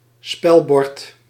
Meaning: a game board, a playing board
- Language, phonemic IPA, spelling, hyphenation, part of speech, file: Dutch, /ˈspɛl.bɔrt/, spelbord, spel‧bord, noun, Nl-spelbord.ogg